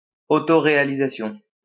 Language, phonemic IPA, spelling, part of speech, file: French, /ʁe.a.li.za.sjɔ̃/, réalisation, noun, LL-Q150 (fra)-réalisation.wav
- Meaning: 1. realization, fulfilment 2. embodiment 3. making, creation, production 4. achievement, accomplishment, carrying out, attainment 5. implementation 6. direction